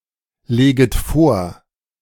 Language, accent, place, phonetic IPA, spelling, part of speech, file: German, Germany, Berlin, [ˌleːɡət ˈfoːɐ̯], leget vor, verb, De-leget vor.ogg
- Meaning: second-person plural subjunctive I of vorlegen